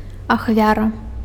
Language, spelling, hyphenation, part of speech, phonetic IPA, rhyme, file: Belarusian, ахвяра, ах‧вя‧ра, noun, [axˈvʲara], -ara, Be-ахвяра.ogg
- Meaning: sacrifice (an object or living being offered as a gift to a deity according to the rites of some religions)